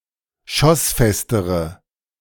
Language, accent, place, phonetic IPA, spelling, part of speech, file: German, Germany, Berlin, [ˈʃɔsˌfɛstəʁə], schossfestere, adjective, De-schossfestere.ogg
- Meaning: inflection of schossfest: 1. strong/mixed nominative/accusative feminine singular comparative degree 2. strong nominative/accusative plural comparative degree